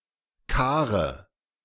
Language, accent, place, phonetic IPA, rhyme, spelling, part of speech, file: German, Germany, Berlin, [ˈkaːʁə], -aːʁə, Kare, noun, De-Kare.ogg
- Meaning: nominative/accusative/genitive plural of Kar